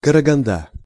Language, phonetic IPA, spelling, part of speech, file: Russian, [kərəɡɐnˈda], Караганда, proper noun, Ru-Караганда.ogg
- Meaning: Karaganda (a city in Kazakhstan)